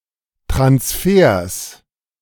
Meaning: plural of Transfer
- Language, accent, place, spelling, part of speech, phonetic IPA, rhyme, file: German, Germany, Berlin, Transfers, noun, [tʁansˈfeːɐ̯s], -eːɐ̯s, De-Transfers.ogg